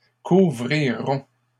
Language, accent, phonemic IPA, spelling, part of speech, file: French, Canada, /ku.vʁi.ʁɔ̃/, couvrirons, verb, LL-Q150 (fra)-couvrirons.wav
- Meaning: first-person plural future of couvrir